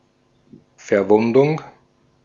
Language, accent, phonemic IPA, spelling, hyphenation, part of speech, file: German, Austria, /fɛɐ̯ˈvʊndʊŋ/, Verwundung, Ver‧wun‧dung, noun, De-at-Verwundung.ogg
- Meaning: injury (damage to the body of a human or animal)